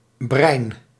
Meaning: brine; solution for pickling
- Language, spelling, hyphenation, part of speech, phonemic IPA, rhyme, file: Dutch, brijn, brijn, noun, /brɛi̯n/, -ɛi̯n, Nl-brijn.ogg